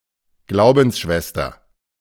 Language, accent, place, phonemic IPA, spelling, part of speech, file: German, Germany, Berlin, /ˈɡlaʊ̯bn̩sˌʃvɛstɐ/, Glaubensschwester, noun, De-Glaubensschwester.ogg
- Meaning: sister in faith; (female) co-religionist